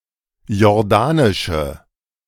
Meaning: inflection of jordanisch: 1. strong/mixed nominative/accusative feminine singular 2. strong nominative/accusative plural 3. weak nominative all-gender singular
- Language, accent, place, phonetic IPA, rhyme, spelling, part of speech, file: German, Germany, Berlin, [jɔʁˈdaːnɪʃə], -aːnɪʃə, jordanische, adjective, De-jordanische.ogg